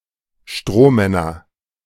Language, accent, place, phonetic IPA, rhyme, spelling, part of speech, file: German, Germany, Berlin, [ˈʃtʁoːˌmɛnɐ], -oːmɛnɐ, Strohmänner, noun, De-Strohmänner.ogg
- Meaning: nominative/accusative/genitive plural of Strohmann